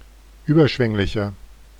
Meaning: 1. comparative degree of überschwänglich 2. inflection of überschwänglich: strong/mixed nominative masculine singular 3. inflection of überschwänglich: strong genitive/dative feminine singular
- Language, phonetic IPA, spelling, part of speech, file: German, [ˈyːbɐˌʃvɛŋlɪçɐ], überschwänglicher, adjective, De-überschwänglicher.oga